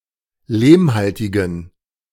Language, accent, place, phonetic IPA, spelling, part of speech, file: German, Germany, Berlin, [ˈleːmˌhaltɪɡn̩], lehmhaltigen, adjective, De-lehmhaltigen.ogg
- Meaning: inflection of lehmhaltig: 1. strong genitive masculine/neuter singular 2. weak/mixed genitive/dative all-gender singular 3. strong/weak/mixed accusative masculine singular 4. strong dative plural